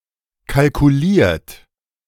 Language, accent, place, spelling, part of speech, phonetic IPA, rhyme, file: German, Germany, Berlin, kalkuliert, verb, [kalkuˈliːɐ̯t], -iːɐ̯t, De-kalkuliert.ogg
- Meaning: 1. past participle of kalkulieren 2. inflection of kalkulieren: third-person singular present 3. inflection of kalkulieren: second-person plural present 4. inflection of kalkulieren: plural imperative